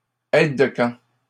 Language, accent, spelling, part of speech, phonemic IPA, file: French, Canada, aide de camp, noun, /ɛd də kɑ̃/, LL-Q150 (fra)-aide de camp.wav
- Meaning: aide-de-camp, ADC